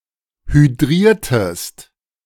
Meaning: inflection of hydrieren: 1. second-person singular preterite 2. second-person singular subjunctive II
- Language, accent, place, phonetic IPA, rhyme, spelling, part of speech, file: German, Germany, Berlin, [hyˈdʁiːɐ̯təst], -iːɐ̯təst, hydriertest, verb, De-hydriertest.ogg